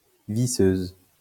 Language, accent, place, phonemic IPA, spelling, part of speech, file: French, France, Lyon, /vi.søz/, visseuse, noun, LL-Q150 (fra)-visseuse.wav
- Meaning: electric screwdriver, power screwdriver, screwgun